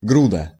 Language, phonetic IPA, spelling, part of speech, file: Russian, [ˈɡrudə], груда, noun, Ru-груда.ogg
- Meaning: pile, heap, mass, clod